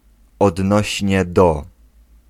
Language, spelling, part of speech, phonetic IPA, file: Polish, odnośnie do, prepositional phrase, [ɔdˈnɔɕɲɛ ˈdɔ], Pl-odnośnie do.ogg